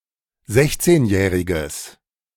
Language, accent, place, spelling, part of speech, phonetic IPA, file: German, Germany, Berlin, sechzehnjähriges, adjective, [ˈzɛçt͡seːnˌjɛːʁɪɡəs], De-sechzehnjähriges.ogg
- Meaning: strong/mixed nominative/accusative neuter singular of sechzehnjährig